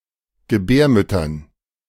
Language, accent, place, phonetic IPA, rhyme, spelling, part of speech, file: German, Germany, Berlin, [ɡəˈbɛːɐ̯mʏtɐn], -ɛːɐ̯mʏtɐn, Gebärmüttern, noun, De-Gebärmüttern.ogg
- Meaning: dative plural of Gebärmutter